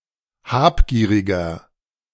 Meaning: 1. comparative degree of habgierig 2. inflection of habgierig: strong/mixed nominative masculine singular 3. inflection of habgierig: strong genitive/dative feminine singular
- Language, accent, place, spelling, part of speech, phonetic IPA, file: German, Germany, Berlin, habgieriger, adjective, [ˈhaːpˌɡiːʁɪɡɐ], De-habgieriger.ogg